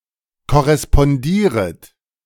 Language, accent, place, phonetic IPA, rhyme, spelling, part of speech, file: German, Germany, Berlin, [kɔʁɛspɔnˈdiːʁət], -iːʁət, korrespondieret, verb, De-korrespondieret.ogg
- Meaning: second-person plural subjunctive I of korrespondieren